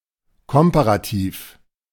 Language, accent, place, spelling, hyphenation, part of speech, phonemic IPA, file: German, Germany, Berlin, Komparativ, Kom‧pa‧ra‧tiv, noun, /ˈkɔmpaʁaˌtiːf/, De-Komparativ.ogg
- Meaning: comparative degree